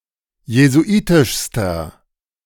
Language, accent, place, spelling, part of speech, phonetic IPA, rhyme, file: German, Germany, Berlin, jesuitischster, adjective, [jezuˈʔiːtɪʃstɐ], -iːtɪʃstɐ, De-jesuitischster.ogg
- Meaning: inflection of jesuitisch: 1. strong/mixed nominative masculine singular superlative degree 2. strong genitive/dative feminine singular superlative degree 3. strong genitive plural superlative degree